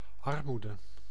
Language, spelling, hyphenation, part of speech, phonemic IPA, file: Dutch, armoede, ar‧moe‧de, noun, /ˈɑrˌmu.də/, Nl-armoede.ogg
- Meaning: 1. poverty 2. misery 3. penury, deprivation, shortage